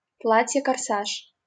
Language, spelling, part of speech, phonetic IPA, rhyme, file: Russian, корсаж, noun, [kɐrˈsaʂ], -aʂ, LL-Q7737 (rus)-корсаж.wav
- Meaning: bodice (a kind of under waist stiffened with whalebone, etc., worn especially by women; a corset)